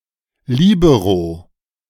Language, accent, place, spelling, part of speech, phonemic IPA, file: German, Germany, Berlin, Libero, noun, /ˈliːbəʁo/, De-Libero.ogg
- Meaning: libero